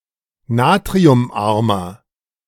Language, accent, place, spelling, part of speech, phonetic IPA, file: German, Germany, Berlin, natriumarmer, adjective, [ˈnaːtʁiʊmˌʔaʁmɐ], De-natriumarmer.ogg
- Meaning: inflection of natriumarm: 1. strong/mixed nominative masculine singular 2. strong genitive/dative feminine singular 3. strong genitive plural